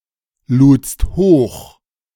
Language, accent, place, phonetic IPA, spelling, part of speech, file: German, Germany, Berlin, [ˌluːt͡st ˈhoːx], ludst hoch, verb, De-ludst hoch.ogg
- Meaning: second-person singular preterite of hochladen